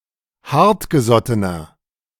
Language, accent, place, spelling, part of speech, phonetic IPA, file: German, Germany, Berlin, hartgesottener, adjective, [ˈhaʁtɡəˌzɔtənɐ], De-hartgesottener.ogg
- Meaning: 1. comparative degree of hartgesotten 2. inflection of hartgesotten: strong/mixed nominative masculine singular 3. inflection of hartgesotten: strong genitive/dative feminine singular